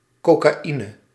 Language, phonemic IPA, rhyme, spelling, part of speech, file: Dutch, /ˌkoː.kaːˈi.nə/, -inə, cocaïne, noun, Nl-cocaïne.ogg
- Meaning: cocaine (narcotic derived from coca plants)